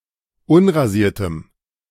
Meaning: strong dative masculine/neuter singular of unrasiert
- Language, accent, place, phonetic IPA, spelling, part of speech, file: German, Germany, Berlin, [ˈʊnʁaˌziːɐ̯təm], unrasiertem, adjective, De-unrasiertem.ogg